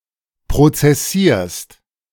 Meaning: second-person singular present of prozessieren
- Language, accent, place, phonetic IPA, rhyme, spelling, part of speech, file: German, Germany, Berlin, [pʁot͡sɛˈsiːɐ̯st], -iːɐ̯st, prozessierst, verb, De-prozessierst.ogg